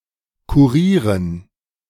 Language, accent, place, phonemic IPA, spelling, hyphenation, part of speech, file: German, Germany, Berlin, /kuˈʁiːʁən/, kurieren, ku‧rie‧ren, verb, De-kurieren.ogg
- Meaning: to cure (return to health)